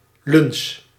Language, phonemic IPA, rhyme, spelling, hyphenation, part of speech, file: Dutch, /lʏns/, -ʏns, luns, luns, noun, Nl-luns.ogg
- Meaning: 1. linchpin 2. any pin inserted into an opening to keep an object in place